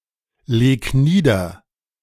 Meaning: 1. singular imperative of niederlegen 2. first-person singular present of niederlegen
- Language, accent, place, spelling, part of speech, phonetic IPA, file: German, Germany, Berlin, leg nieder, verb, [ˌleːk ˈniːdɐ], De-leg nieder.ogg